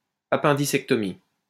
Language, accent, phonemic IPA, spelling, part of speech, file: French, France, /a.pɛ̃.di.sɛk.tɔ.mi/, appendicectomie, noun, LL-Q150 (fra)-appendicectomie.wav
- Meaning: appendectomy